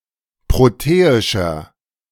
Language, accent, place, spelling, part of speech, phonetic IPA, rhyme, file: German, Germany, Berlin, proteischer, adjective, [ˌpʁoˈteːɪʃɐ], -eːɪʃɐ, De-proteischer.ogg
- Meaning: 1. comparative degree of proteisch 2. inflection of proteisch: strong/mixed nominative masculine singular 3. inflection of proteisch: strong genitive/dative feminine singular